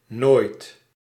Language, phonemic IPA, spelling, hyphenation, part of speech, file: Dutch, /noːit/, nooit, nooit, adverb, Nl-nooit.ogg
- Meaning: never